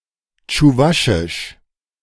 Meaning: Chuvash (the Chuvash language)
- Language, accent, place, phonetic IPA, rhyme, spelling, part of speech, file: German, Germany, Berlin, [tʃuˈvaʃɪʃ], -aʃɪʃ, Tschuwaschisch, noun, De-Tschuwaschisch.ogg